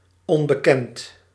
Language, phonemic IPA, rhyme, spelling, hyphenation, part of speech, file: Dutch, /ˌɔn.bəˈkɛnt/, -ɛnt, onbekend, on‧be‧kend, adjective, Nl-onbekend.ogg
- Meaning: 1. unknown 2. anonymous